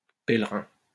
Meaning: pilgrim
- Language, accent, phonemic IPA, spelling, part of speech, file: French, France, /pɛl.ʁɛ̃/, pèlerin, noun, LL-Q150 (fra)-pèlerin.wav